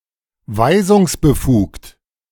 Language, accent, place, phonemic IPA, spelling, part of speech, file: German, Germany, Berlin, /ˈvaɪ̯zʊŋsbəˌfuːkt/, weisungsbefugt, adjective, De-weisungsbefugt.ogg
- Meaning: authorised to give commands or instructions